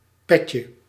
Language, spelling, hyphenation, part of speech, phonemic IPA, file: Dutch, petje, pet‧je, noun, /ˈpɛ.tjə/, Nl-petje.ogg
- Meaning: diminutive of pet